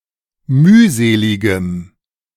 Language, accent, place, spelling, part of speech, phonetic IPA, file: German, Germany, Berlin, mühseligem, adjective, [ˈmyːˌzeːlɪɡəm], De-mühseligem.ogg
- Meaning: strong dative masculine/neuter singular of mühselig